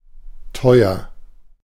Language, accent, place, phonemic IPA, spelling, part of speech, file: German, Germany, Berlin, /tɔʏ̯ɐ/, teuer, adjective, De-teuer.ogg
- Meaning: 1. expensive, dear (high in price) 2. dear (precious, valued)